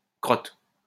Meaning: 1. excrement of human or animal origin; dropping; turd; dung 2. a miserable or dangerous situation; shit
- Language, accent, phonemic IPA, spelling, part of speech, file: French, France, /kʁɔt/, crotte, noun, LL-Q150 (fra)-crotte.wav